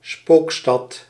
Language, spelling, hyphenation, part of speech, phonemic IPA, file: Dutch, spookstad, spook‧stad, noun, /ˈspoːk.stɑt/, Nl-spookstad.ogg
- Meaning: ghost town